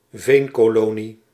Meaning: a settlement that arose as a result of peat excavation
- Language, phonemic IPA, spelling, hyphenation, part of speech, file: Dutch, /ˈveːn.koːˌloː.ni/, veenkolonie, veen‧ko‧lo‧nie, noun, Nl-veenkolonie.ogg